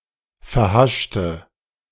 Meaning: inflection of verhascht: 1. strong/mixed nominative/accusative feminine singular 2. strong nominative/accusative plural 3. weak nominative all-gender singular
- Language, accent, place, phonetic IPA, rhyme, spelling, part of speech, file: German, Germany, Berlin, [fɛɐ̯ˈhaʃtə], -aʃtə, verhaschte, adjective, De-verhaschte.ogg